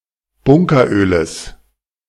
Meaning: genitive singular of Bunkeröl
- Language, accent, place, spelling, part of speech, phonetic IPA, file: German, Germany, Berlin, Bunkeröles, noun, [ˈbʊŋkɐˌʔøːləs], De-Bunkeröles.ogg